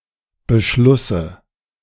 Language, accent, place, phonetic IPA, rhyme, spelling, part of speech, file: German, Germany, Berlin, [bəˈʃlʊsə], -ʊsə, Beschlusse, noun, De-Beschlusse.ogg
- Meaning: dative singular of Beschluss